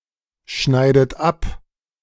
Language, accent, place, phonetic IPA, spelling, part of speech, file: German, Germany, Berlin, [ˌʃnaɪ̯dət ˈap], schneidet ab, verb, De-schneidet ab.ogg
- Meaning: inflection of abschneiden: 1. third-person singular present 2. second-person plural present 3. second-person plural subjunctive I 4. plural imperative